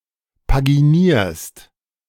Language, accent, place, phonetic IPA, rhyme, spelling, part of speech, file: German, Germany, Berlin, [paɡiˈniːɐ̯st], -iːɐ̯st, paginierst, verb, De-paginierst.ogg
- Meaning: second-person singular present of paginieren